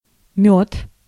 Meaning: 1. honey 2. mead
- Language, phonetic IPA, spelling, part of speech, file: Russian, [mʲɵt], мёд, noun, Ru-мёд.ogg